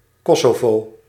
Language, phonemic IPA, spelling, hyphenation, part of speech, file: Dutch, /ˈkɔ.soːˌvoː/, Kosovo, Ko‧so‧vo, proper noun, Nl-Kosovo.ogg
- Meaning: Kosovo (a partly-recognized country on the Balkan Peninsula in Southeastern Europe)